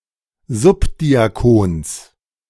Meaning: genitive singular of Subdiakon
- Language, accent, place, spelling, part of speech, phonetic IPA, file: German, Germany, Berlin, Subdiakons, noun, [ˈzʊpdiaˌkoːns], De-Subdiakons.ogg